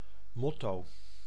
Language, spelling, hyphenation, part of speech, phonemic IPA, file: Dutch, motto, mot‧to, noun, /ˈmɔto/, Nl-motto.ogg
- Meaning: motto